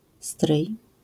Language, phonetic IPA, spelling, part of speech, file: Polish, [strɨj], stryj, noun, LL-Q809 (pol)-stryj.wav